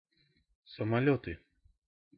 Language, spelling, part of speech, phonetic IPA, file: Russian, самолёты, noun, [səmɐˈlʲɵtɨ], Ru-самолёты.ogg
- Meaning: nominative/accusative plural of самолёт (samoljót)